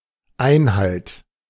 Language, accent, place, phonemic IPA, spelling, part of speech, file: German, Germany, Berlin, /ˈaɪ̯nhalt/, Einhalt, noun, De-Einhalt.ogg
- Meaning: stop